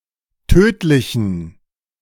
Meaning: inflection of tödlich: 1. strong genitive masculine/neuter singular 2. weak/mixed genitive/dative all-gender singular 3. strong/weak/mixed accusative masculine singular 4. strong dative plural
- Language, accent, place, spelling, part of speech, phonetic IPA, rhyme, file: German, Germany, Berlin, tödlichen, adjective, [ˈtøːtlɪçn̩], -øːtlɪçn̩, De-tödlichen.ogg